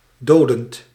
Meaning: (adjective) killing, deadly; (verb) present participle of doden
- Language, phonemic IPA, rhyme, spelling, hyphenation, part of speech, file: Dutch, /ˈdoː.dənt/, -oːdənt, dodend, do‧dend, adjective / verb, Nl-dodend.ogg